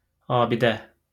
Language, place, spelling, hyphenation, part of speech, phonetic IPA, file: Azerbaijani, Baku, abidə, a‧bi‧də, noun, [ɑːbiˈdæ], LL-Q9292 (aze)-abidə.wav
- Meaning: 1. monument, statue 2. an item of historical material culture (mostly of old constructions) 3. written records from the (mostly distant) past